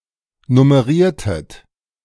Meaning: inflection of nummerieren: 1. second-person plural preterite 2. second-person plural subjunctive II
- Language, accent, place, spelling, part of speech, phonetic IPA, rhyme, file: German, Germany, Berlin, nummeriertet, verb, [nʊməˈʁiːɐ̯tət], -iːɐ̯tət, De-nummeriertet.ogg